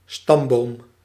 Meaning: a family tree, genealogical stemma
- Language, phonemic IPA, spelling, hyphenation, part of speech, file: Dutch, /ˈstɑm.boːm/, stamboom, stam‧boom, noun, Nl-stamboom.ogg